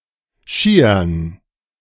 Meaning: dative plural of Schi
- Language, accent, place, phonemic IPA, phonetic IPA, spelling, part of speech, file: German, Germany, Berlin, /ˈʃiːərn/, [ˈʃiː.ɐn], Schiern, noun, De-Schiern.ogg